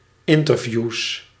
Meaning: plural of interview
- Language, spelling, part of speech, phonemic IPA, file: Dutch, interviews, noun, /ˈɪntərˌvjus/, Nl-interviews.ogg